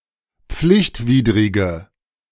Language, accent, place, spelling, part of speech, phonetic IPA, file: German, Germany, Berlin, pflichtwidrige, adjective, [ˈp͡flɪçtˌviːdʁɪɡə], De-pflichtwidrige.ogg
- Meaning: inflection of pflichtwidrig: 1. strong/mixed nominative/accusative feminine singular 2. strong nominative/accusative plural 3. weak nominative all-gender singular